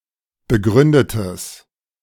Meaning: strong/mixed nominative/accusative neuter singular of begründet
- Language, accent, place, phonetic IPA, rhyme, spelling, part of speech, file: German, Germany, Berlin, [bəˈɡʁʏndətəs], -ʏndətəs, begründetes, adjective, De-begründetes.ogg